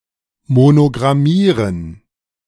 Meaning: to monogram ((transitive) to mark something with a monogram)
- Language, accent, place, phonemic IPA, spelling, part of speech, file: German, Germany, Berlin, /ˈmonoɡʁamiːʁən/, monogrammieren, verb, De-monogrammieren.ogg